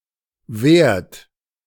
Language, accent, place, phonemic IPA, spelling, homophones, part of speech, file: German, Germany, Berlin, /vɛːrt/, währt, wehrt / werd, verb, De-währt.ogg
- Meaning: inflection of währen: 1. second-person plural present 2. third-person singular present 3. plural imperative